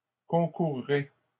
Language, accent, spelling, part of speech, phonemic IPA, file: French, Canada, concourrai, verb, /kɔ̃.kuʁ.ʁe/, LL-Q150 (fra)-concourrai.wav
- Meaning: first-person singular simple future of concourir